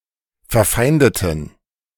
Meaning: inflection of verfeinden: 1. first/third-person plural preterite 2. first/third-person plural subjunctive II
- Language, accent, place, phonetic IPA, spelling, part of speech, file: German, Germany, Berlin, [fɛɐ̯ˈfaɪ̯ndətn̩], verfeindeten, adjective / verb, De-verfeindeten.ogg